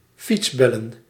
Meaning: plural of fietsbel
- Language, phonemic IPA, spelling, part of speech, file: Dutch, /ˈfitsbɛlən/, fietsbellen, verb / noun, Nl-fietsbellen.ogg